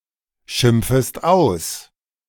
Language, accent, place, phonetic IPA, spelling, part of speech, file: German, Germany, Berlin, [ˌʃɪmp͡fəst ˈaʊ̯s], schimpfest aus, verb, De-schimpfest aus.ogg
- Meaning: second-person singular subjunctive I of ausschimpfen